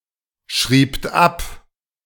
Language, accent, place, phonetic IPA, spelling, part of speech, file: German, Germany, Berlin, [ˌʃʁiːpt ˈap], schriebt ab, verb, De-schriebt ab.ogg
- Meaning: second-person plural preterite of abschreiben